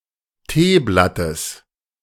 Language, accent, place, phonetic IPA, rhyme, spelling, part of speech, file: German, Germany, Berlin, [ˈteːˌblatəs], -eːblatəs, Teeblattes, noun, De-Teeblattes.ogg
- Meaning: genitive of Teeblatt